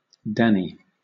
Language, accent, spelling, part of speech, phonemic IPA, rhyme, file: English, Southern England, Dani, proper noun, /ˈdæni/, -æni, LL-Q1860 (eng)-Dani.wav
- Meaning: 1. A diminutive of the female given name Danielle and of its variant forms 2. A diminutive of the male given name Daniel; a rare spelling variant of Danny